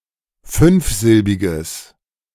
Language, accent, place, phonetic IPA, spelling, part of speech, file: German, Germany, Berlin, [ˈfʏnfˌzɪlbɪɡəs], fünfsilbiges, adjective, De-fünfsilbiges.ogg
- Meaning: strong/mixed nominative/accusative neuter singular of fünfsilbig